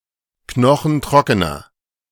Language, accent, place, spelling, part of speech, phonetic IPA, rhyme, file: German, Germany, Berlin, knochentrockener, adjective, [ˈknɔxn̩ˈtʁɔkənɐ], -ɔkənɐ, De-knochentrockener.ogg
- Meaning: inflection of knochentrocken: 1. strong/mixed nominative masculine singular 2. strong genitive/dative feminine singular 3. strong genitive plural